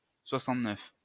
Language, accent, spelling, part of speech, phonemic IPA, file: French, France, 69, noun, /swa.sɑ̃t.nœf/, LL-Q150 (fra)-69.wav
- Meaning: alternative spelling of soixante-neuf